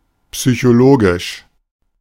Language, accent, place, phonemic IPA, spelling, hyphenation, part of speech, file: German, Germany, Berlin, /psyçoˈloːɡɪʃ/, psychologisch, psy‧cho‧lo‧gisch, adjective, De-psychologisch.ogg
- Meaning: 1. psychological (referring to psychology and psychologists) 2. synonym of psychisch (“mental, psychic, psychological”)